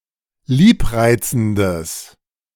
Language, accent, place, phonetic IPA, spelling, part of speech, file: German, Germany, Berlin, [ˈliːpˌʁaɪ̯t͡sn̩dəs], liebreizendes, adjective, De-liebreizendes.ogg
- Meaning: strong/mixed nominative/accusative neuter singular of liebreizend